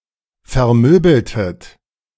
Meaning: inflection of vermöbeln: 1. second-person plural preterite 2. second-person plural subjunctive II
- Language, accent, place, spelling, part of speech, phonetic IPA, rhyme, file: German, Germany, Berlin, vermöbeltet, verb, [fɛɐ̯ˈmøːbl̩tət], -øːbl̩tət, De-vermöbeltet.ogg